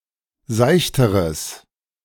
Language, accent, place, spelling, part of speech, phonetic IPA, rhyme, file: German, Germany, Berlin, seichteres, adjective, [ˈzaɪ̯çtəʁəs], -aɪ̯çtəʁəs, De-seichteres.ogg
- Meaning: strong/mixed nominative/accusative neuter singular comparative degree of seicht